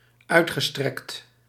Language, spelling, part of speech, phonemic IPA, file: Dutch, uitgestrekt, verb / adjective, /ˈœytxəˌstrɛkt/, Nl-uitgestrekt.ogg
- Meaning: past participle of uitstrekken